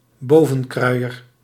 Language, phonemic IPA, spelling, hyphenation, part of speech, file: Dutch, /ˈboː.və(n)ˌkrœy̯.ər/, bovenkruier, bo‧ven‧krui‧er, noun, Nl-bovenkruier.ogg
- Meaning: smock mill